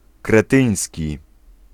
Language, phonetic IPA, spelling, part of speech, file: Polish, [krɛˈtɨ̃j̃sʲci], kretyński, adjective, Pl-kretyński.ogg